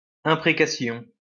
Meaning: 1. ill wish, desire for mischance to befall someone 2. imprecation, curse
- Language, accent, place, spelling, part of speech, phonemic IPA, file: French, France, Lyon, imprécation, noun, /ɛ̃.pʁe.ka.sjɔ̃/, LL-Q150 (fra)-imprécation.wav